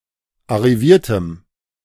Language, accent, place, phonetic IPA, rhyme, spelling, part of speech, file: German, Germany, Berlin, [aʁiˈviːɐ̯təm], -iːɐ̯təm, arriviertem, adjective, De-arriviertem.ogg
- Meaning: strong dative masculine/neuter singular of arriviert